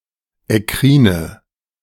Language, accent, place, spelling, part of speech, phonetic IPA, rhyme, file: German, Germany, Berlin, ekkrine, adjective, [ɛˈkʁiːnə], -iːnə, De-ekkrine.ogg
- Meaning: inflection of ekkrin: 1. strong/mixed nominative/accusative feminine singular 2. strong nominative/accusative plural 3. weak nominative all-gender singular 4. weak accusative feminine/neuter singular